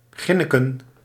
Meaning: to giggle
- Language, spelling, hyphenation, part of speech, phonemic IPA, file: Dutch, grinniken, grin‧ni‧ken, verb, /ˈɣrɪ.nə.kə(n)/, Nl-grinniken.ogg